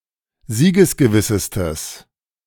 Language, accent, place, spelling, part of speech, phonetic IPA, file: German, Germany, Berlin, siegesgewissestes, adjective, [ˈziːɡəsɡəˌvɪsəstəs], De-siegesgewissestes.ogg
- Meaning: strong/mixed nominative/accusative neuter singular superlative degree of siegesgewiss